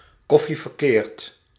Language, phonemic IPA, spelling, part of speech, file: Dutch, /ˌkɔ.fi vərˈkeːrt/, koffie verkeerd, noun, Nl-koffie verkeerd.ogg
- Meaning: café au lait (coffee made with a large proportion of warm milk)